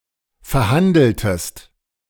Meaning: inflection of verhandeln: 1. second-person singular preterite 2. second-person singular subjunctive II
- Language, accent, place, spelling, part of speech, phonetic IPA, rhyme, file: German, Germany, Berlin, verhandeltest, verb, [fɛɐ̯ˈhandl̩təst], -andl̩təst, De-verhandeltest.ogg